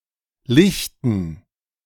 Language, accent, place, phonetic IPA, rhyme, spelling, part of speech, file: German, Germany, Berlin, [ˈlɪçtn̩], -ɪçtn̩, Lichten, noun, De-Lichten.ogg
- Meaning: dative plural of Licht